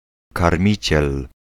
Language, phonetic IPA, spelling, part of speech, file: Polish, [karˈmʲit͡ɕɛl], karmiciel, noun, Pl-karmiciel.ogg